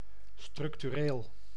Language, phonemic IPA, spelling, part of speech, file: Dutch, /ˌstrʏktyˈrel/, structureel, adjective, Nl-structureel.ogg
- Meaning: structural